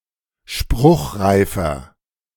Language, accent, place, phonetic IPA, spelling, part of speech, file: German, Germany, Berlin, [ˈʃpʁʊxʁaɪ̯fɐ], spruchreifer, adjective, De-spruchreifer.ogg
- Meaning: inflection of spruchreif: 1. strong/mixed nominative masculine singular 2. strong genitive/dative feminine singular 3. strong genitive plural